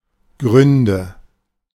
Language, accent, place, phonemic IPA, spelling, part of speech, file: German, Germany, Berlin, /ˈɡʁʏndə/, Gründe, noun, De-Gründe.ogg
- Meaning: nominative/accusative/genitive plural of Grund